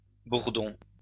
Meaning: plural of bourdon
- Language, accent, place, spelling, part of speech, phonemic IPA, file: French, France, Lyon, bourdons, noun, /buʁ.dɔ̃/, LL-Q150 (fra)-bourdons.wav